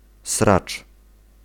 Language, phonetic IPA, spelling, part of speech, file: Polish, [srat͡ʃ], sracz, noun, Pl-sracz.ogg